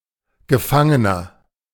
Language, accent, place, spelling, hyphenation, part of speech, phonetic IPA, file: German, Germany, Berlin, Gefangener, Ge‧fan‧ge‧ner, noun, [ɡəˈfaŋənɐ], De-Gefangener.ogg
- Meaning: 1. prisoner, captive, detainee, prison inmate, incarceree (male or of unspecified gender) 2. inflection of Gefangene: strong genitive/dative singular 3. inflection of Gefangene: strong genitive plural